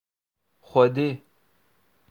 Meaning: God
- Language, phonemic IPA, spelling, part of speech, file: Northern Kurdish, /xʷɛˈdeː/, Xwedê, noun, Ku-Xwedê.oga